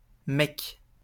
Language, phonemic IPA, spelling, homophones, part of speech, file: French, /mɛk/, mec, Mecque, noun, LL-Q150 (fra)-mec.wav
- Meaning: 1. guy, fellow, bloke, chap, dude, boyfriend 2. term of address between adult males: man, buddy, dude, bro, mate 3. pimp